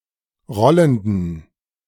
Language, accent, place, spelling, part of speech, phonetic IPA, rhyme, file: German, Germany, Berlin, rollenden, adjective, [ˈʁɔləndn̩], -ɔləndn̩, De-rollenden.ogg
- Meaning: inflection of rollend: 1. strong genitive masculine/neuter singular 2. weak/mixed genitive/dative all-gender singular 3. strong/weak/mixed accusative masculine singular 4. strong dative plural